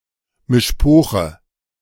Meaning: alternative form of Mischpoke
- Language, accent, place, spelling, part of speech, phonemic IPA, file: German, Germany, Berlin, Mischpoche, noun, /mɪʃˈpoːxə/, De-Mischpoche.ogg